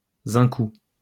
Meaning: synonym of cousin
- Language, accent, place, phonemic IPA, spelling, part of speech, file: French, France, Lyon, /zɛ̃.ku/, zincou, noun, LL-Q150 (fra)-zincou.wav